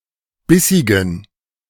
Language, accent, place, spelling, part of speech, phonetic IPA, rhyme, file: German, Germany, Berlin, bissigen, adjective, [ˈbɪsɪɡn̩], -ɪsɪɡn̩, De-bissigen.ogg
- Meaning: inflection of bissig: 1. strong genitive masculine/neuter singular 2. weak/mixed genitive/dative all-gender singular 3. strong/weak/mixed accusative masculine singular 4. strong dative plural